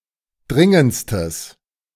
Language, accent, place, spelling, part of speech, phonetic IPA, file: German, Germany, Berlin, dringendstes, adjective, [ˈdʁɪŋənt͡stəs], De-dringendstes.ogg
- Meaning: strong/mixed nominative/accusative neuter singular superlative degree of dringend